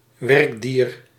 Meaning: a working animal, a domesticated animal put to work of use for man, as opposed to pets and wild animals
- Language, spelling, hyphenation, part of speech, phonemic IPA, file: Dutch, werkdier, werk‧dier, noun, /ˈʋɛrk.diːr/, Nl-werkdier.ogg